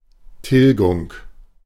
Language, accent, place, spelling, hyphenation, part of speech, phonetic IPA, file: German, Germany, Berlin, Tilgung, Til‧gung, noun, [ˈtɪlɡʊŋ], De-Tilgung.ogg
- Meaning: 1. erasure, extinction 2. amortization, repayment, redemption